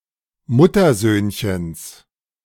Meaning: dative singular of Muttersöhnchen
- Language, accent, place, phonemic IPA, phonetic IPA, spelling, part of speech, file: German, Germany, Berlin, /ˈmʊtɐˌzøːnçəns/, [ˈmʊtʰɐˌzøːnçəns], Muttersöhnchens, noun, De-Muttersöhnchens.ogg